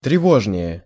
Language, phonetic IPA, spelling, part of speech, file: Russian, [trʲɪˈvoʐnʲɪje], тревожнее, adverb, Ru-тревожнее.ogg
- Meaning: 1. comparative degree of трево́жный (trevóžnyj) 2. comparative degree of трево́жно (trevóžno)